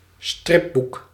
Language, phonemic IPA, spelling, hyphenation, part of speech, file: Dutch, /ˈstrɪ(p).buk/, stripboek, strip‧boek, noun, Nl-stripboek.ogg
- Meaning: comic book